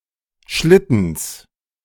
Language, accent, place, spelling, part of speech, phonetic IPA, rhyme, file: German, Germany, Berlin, Schlittens, noun, [ˈʃlɪtn̩s], -ɪtn̩s, De-Schlittens.ogg
- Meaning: genitive singular of Schlitten